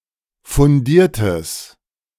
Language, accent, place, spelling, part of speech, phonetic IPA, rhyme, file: German, Germany, Berlin, fundiertes, adjective, [fʊnˈdiːɐ̯təs], -iːɐ̯təs, De-fundiertes.ogg
- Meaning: strong/mixed nominative/accusative neuter singular of fundiert